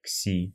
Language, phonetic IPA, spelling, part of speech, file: Russian, [ksʲi], кси, noun, Ru-кси.ogg
- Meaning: 1. xi (Greek letter Ξ/ξ) 2. ksi (early Cyrillic letter Ѯ/ѯ)